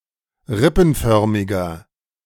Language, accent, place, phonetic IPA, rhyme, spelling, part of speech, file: German, Germany, Berlin, [ˈʁɪpn̩ˌfœʁmɪɡɐ], -ɪpn̩fœʁmɪɡɐ, rippenförmiger, adjective, De-rippenförmiger.ogg
- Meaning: inflection of rippenförmig: 1. strong/mixed nominative masculine singular 2. strong genitive/dative feminine singular 3. strong genitive plural